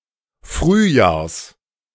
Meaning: genitive singular of Frühjahr
- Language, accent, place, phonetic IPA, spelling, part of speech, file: German, Germany, Berlin, [ˈfʁyːˌjaːɐ̯s], Frühjahrs, noun, De-Frühjahrs.ogg